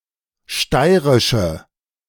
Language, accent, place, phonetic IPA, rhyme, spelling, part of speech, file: German, Germany, Berlin, [ˈʃtaɪ̯ʁɪʃə], -aɪ̯ʁɪʃə, steirische, adjective, De-steirische.ogg
- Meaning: inflection of steirisch: 1. strong/mixed nominative/accusative feminine singular 2. strong nominative/accusative plural 3. weak nominative all-gender singular